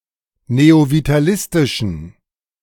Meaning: inflection of neovitalistisch: 1. strong genitive masculine/neuter singular 2. weak/mixed genitive/dative all-gender singular 3. strong/weak/mixed accusative masculine singular 4. strong dative plural
- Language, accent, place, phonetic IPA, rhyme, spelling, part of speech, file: German, Germany, Berlin, [neovitaˈlɪstɪʃn̩], -ɪstɪʃn̩, neovitalistischen, adjective, De-neovitalistischen.ogg